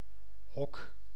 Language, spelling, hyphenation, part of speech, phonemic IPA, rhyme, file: Dutch, hok, hok, noun / verb, /ɦɔk/, -ɔk, Nl-hok.ogg
- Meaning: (noun) 1. a living shelter for domesticated animals such as a kennel, cage, hut or a pen 2. a closet or small room 3. a den; a small and often dark dwelling such as a hut